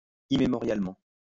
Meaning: immemorially
- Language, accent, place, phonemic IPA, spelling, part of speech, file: French, France, Lyon, /i.me.mɔ.ʁjal.mɑ̃/, immémorialement, adverb, LL-Q150 (fra)-immémorialement.wav